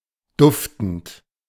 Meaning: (verb) present participle of duften; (adjective) fragrant, sweet (having a pleasant smell)
- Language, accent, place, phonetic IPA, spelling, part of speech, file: German, Germany, Berlin, [ˈdʊftənt], duftend, verb / adjective, De-duftend.ogg